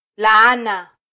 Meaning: 1. a condemnation or criticism 2. a curse (supernatural detriment)
- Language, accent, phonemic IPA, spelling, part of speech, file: Swahili, Kenya, /lɑˈɑ.nɑ/, laana, noun, Sw-ke-laana.flac